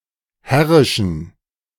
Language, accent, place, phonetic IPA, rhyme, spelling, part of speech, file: German, Germany, Berlin, [ˈhɛʁɪʃn̩], -ɛʁɪʃn̩, herrischen, adjective, De-herrischen.ogg
- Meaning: inflection of herrisch: 1. strong genitive masculine/neuter singular 2. weak/mixed genitive/dative all-gender singular 3. strong/weak/mixed accusative masculine singular 4. strong dative plural